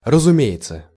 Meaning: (phrase) it goes without saying, of course (it's obvious, apparent or clear); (verb) third-person singular present indicative imperfective of разуме́ться (razumétʹsja)
- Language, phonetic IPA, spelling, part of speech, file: Russian, [rəzʊˈmʲe(j)ɪt͡sə], разумеется, phrase / verb, Ru-разумеется.ogg